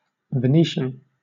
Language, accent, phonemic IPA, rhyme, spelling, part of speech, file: English, Southern England, /vɪˈniːʃən/, -iːʃən, Venetian, adjective / noun / proper noun, LL-Q1860 (eng)-Venetian.wav
- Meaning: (adjective) Of, from or relating to the city of Venice or surrounding province, Veneto region, northeastern Italy